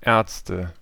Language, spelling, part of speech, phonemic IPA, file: German, Ärzte, noun, /ˈɛːɐ̯t͡stə/, De-Ärzte.ogg
- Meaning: nominative/accusative/genitive plural of Arzt